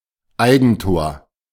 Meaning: own goal
- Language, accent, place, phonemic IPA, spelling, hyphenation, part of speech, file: German, Germany, Berlin, /ˈaɪ̯ɡənˌtoːʁ/, Eigentor, Ei‧gen‧tor, noun, De-Eigentor.ogg